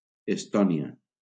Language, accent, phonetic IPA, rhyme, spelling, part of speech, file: Catalan, Valencia, [esˈtɔ.ni.a], -ɔnia, Estònia, proper noun, LL-Q7026 (cat)-Estònia.wav
- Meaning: Estonia (a country in northeastern Europe, on the southeastern coast of the Baltic Sea)